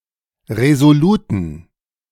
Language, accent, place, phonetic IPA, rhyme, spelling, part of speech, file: German, Germany, Berlin, [ʁezoˈluːtn̩], -uːtn̩, resoluten, adjective, De-resoluten.ogg
- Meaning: inflection of resolut: 1. strong genitive masculine/neuter singular 2. weak/mixed genitive/dative all-gender singular 3. strong/weak/mixed accusative masculine singular 4. strong dative plural